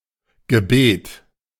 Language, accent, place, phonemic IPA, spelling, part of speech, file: German, Germany, Berlin, /ɡəˈbeːt/, Gebet, noun, De-Gebet.ogg
- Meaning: prayer